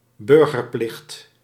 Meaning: civic duty (often with bourgeois or somewhat conservative connotations)
- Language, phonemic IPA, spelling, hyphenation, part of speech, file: Dutch, /ˈbʏr.ɣərˌplɪxt/, burgerplicht, bur‧ger‧plicht, noun, Nl-burgerplicht.ogg